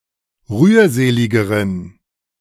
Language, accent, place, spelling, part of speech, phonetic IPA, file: German, Germany, Berlin, rührseligeren, adjective, [ˈʁyːɐ̯ˌzeːlɪɡəʁən], De-rührseligeren.ogg
- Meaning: inflection of rührselig: 1. strong genitive masculine/neuter singular comparative degree 2. weak/mixed genitive/dative all-gender singular comparative degree